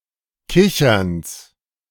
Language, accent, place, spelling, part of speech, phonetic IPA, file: German, Germany, Berlin, Kicherns, noun, [ˈkɪçɐns], De-Kicherns.ogg
- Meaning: genitive singular of Kichern